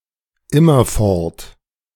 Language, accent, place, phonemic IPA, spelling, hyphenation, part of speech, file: German, Germany, Berlin, /ˈɪmɐˌfɔʁt/, immerfort, im‧mer‧fort, adverb, De-immerfort.ogg
- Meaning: constantly